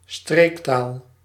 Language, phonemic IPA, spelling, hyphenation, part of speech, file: Dutch, /ˈstreːk.taːl/, streektaal, streek‧taal, noun, Nl-streektaal.ogg
- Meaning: regiolect, regional language (used for both dialects and separate languages with a regional presence)